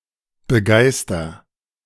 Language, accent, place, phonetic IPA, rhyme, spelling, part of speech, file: German, Germany, Berlin, [bəˈɡaɪ̯stɐ], -aɪ̯stɐ, begeister, verb, De-begeister.ogg
- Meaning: inflection of begeistern: 1. first-person singular present 2. singular imperative